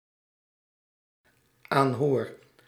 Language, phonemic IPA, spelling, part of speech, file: Dutch, /ˈanhor/, aanhoor, verb, Nl-aanhoor.ogg
- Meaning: first-person singular dependent-clause present indicative of aanhoren